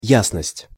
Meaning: clarity, lucidity
- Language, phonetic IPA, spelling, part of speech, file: Russian, [ˈjasnəsʲtʲ], ясность, noun, Ru-ясность.ogg